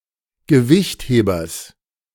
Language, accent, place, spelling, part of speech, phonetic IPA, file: German, Germany, Berlin, Gewichthebers, noun, [ɡəˈvɪçtˌheːbɐs], De-Gewichthebers.ogg
- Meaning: genitive singular of Gewichtheber